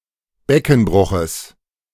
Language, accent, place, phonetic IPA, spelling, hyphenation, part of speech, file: German, Germany, Berlin, [ˈbɛkn̩ˌbʁʊxəs], Beckenbruches, Be‧cken‧bru‧ches, noun, De-Beckenbruches.ogg
- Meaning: genitive singular of Beckenbruch